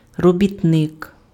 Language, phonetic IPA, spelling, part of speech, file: Ukrainian, [rɔbʲitˈnɪk], робітник, noun, Uk-робітник.ogg
- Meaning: worker